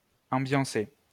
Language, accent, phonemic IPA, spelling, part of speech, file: French, France, /ɑ̃.bjɑ̃.se/, ambiancer, verb, LL-Q150 (fra)-ambiancer.wav
- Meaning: to set up a festive mood